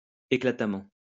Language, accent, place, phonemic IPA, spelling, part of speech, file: French, France, Lyon, /e.kla.ta.mɑ̃/, éclatamment, adverb, LL-Q150 (fra)-éclatamment.wav
- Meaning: brightly, brilliantly